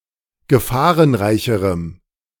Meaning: strong dative masculine/neuter singular comparative degree of gefahrenreich
- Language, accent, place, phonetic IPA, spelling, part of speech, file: German, Germany, Berlin, [ɡəˈfaːʁənˌʁaɪ̯çəʁəm], gefahrenreicherem, adjective, De-gefahrenreicherem.ogg